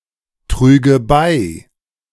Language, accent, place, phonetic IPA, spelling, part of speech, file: German, Germany, Berlin, [ˌtʁyːɡə ˈbaɪ̯], trüge bei, verb, De-trüge bei.ogg
- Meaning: first/third-person singular subjunctive II of beitragen